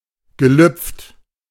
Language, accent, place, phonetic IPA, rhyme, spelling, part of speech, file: German, Germany, Berlin, [ɡəˈlʏp͡ft], -ʏp͡ft, gelüpft, verb, De-gelüpft.ogg
- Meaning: past participle of lüpfen